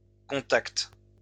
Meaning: plural of contact
- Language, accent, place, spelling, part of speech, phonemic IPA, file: French, France, Lyon, contacts, noun, /kɔ̃.takt/, LL-Q150 (fra)-contacts.wav